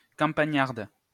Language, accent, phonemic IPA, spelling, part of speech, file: French, France, /kɑ̃.pa.ɲaʁd/, campagnarde, adjective, LL-Q150 (fra)-campagnarde.wav
- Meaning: feminine singular of campagnard